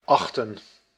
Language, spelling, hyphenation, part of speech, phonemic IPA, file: Dutch, achten, ach‧ten, verb, /ˈɑxtə(n)/, Nl-achten.ogg
- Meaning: 1. to regard, consider 2. to estimate, to reckon